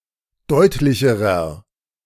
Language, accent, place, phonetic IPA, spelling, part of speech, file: German, Germany, Berlin, [ˈdɔɪ̯tlɪçəʁɐ], deutlicherer, adjective, De-deutlicherer.ogg
- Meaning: inflection of deutlich: 1. strong/mixed nominative masculine singular comparative degree 2. strong genitive/dative feminine singular comparative degree 3. strong genitive plural comparative degree